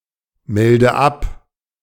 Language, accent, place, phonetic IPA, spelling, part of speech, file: German, Germany, Berlin, [ˌmɛldə ˈap], melde ab, verb, De-melde ab.ogg
- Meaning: inflection of abmelden: 1. first-person singular present 2. first/third-person singular subjunctive I 3. singular imperative